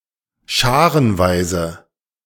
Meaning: in droves
- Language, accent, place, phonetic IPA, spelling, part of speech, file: German, Germany, Berlin, [ˈʃaːʁənˌvaɪ̯zə], scharenweise, adverb, De-scharenweise.ogg